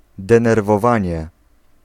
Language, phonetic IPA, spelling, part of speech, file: Polish, [ˌdɛ̃nɛrvɔˈvãɲɛ], denerwowanie, noun, Pl-denerwowanie.ogg